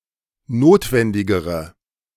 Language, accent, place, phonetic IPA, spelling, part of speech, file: German, Germany, Berlin, [ˈnoːtvɛndɪɡəʁə], notwendigere, adjective, De-notwendigere.ogg
- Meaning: inflection of notwendig: 1. strong/mixed nominative/accusative feminine singular comparative degree 2. strong nominative/accusative plural comparative degree